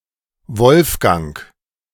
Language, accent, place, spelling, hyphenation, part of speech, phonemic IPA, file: German, Germany, Berlin, Wolfgang, Wolf‧gang, proper noun, /ˈvɔlfɡaŋ(k)/, De-Wolfgang.ogg
- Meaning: a male given name